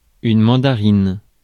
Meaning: mandarin orange
- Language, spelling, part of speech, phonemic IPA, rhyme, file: French, mandarine, noun, /mɑ̃.da.ʁin/, -in, Fr-mandarine.ogg